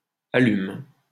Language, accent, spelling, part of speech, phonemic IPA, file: French, France, allume, verb, /a.lym/, LL-Q150 (fra)-allume.wav
- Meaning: inflection of allumer: 1. first/third-person singular present indicative/subjunctive 2. second-person singular imperative